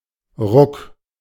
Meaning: 1. jerk, jolt 2. jerk (change in acceleration)
- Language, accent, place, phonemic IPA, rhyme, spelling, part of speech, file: German, Germany, Berlin, /ʁʊk/, -ʊk, Ruck, noun, De-Ruck.ogg